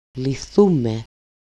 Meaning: first-person plural dependent passive of λύνω (lýno)
- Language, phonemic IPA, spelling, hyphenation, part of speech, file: Greek, /liˈθume/, λυθούμε, λυ‧θού‧με, verb, El-λυθούμε.ogg